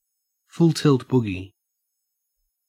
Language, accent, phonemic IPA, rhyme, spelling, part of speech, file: English, Australia, /fʊl tɪlt ˈbʊ.ɡi/, -ʊɡi, full tilt boogie, adverb / noun, En-au-full tilt boogie.ogg
- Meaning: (adverb) At the most extreme level; at full capacity; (noun) An extreme level